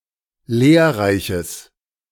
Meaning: strong/mixed nominative/accusative neuter singular of lehrreich
- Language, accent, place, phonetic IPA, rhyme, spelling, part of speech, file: German, Germany, Berlin, [ˈleːɐ̯ˌʁaɪ̯çəs], -eːɐ̯ʁaɪ̯çəs, lehrreiches, adjective, De-lehrreiches.ogg